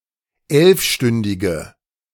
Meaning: inflection of elfstündig: 1. strong/mixed nominative/accusative feminine singular 2. strong nominative/accusative plural 3. weak nominative all-gender singular
- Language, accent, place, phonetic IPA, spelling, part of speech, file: German, Germany, Berlin, [ˈɛlfˌʃtʏndɪɡə], elfstündige, adjective, De-elfstündige.ogg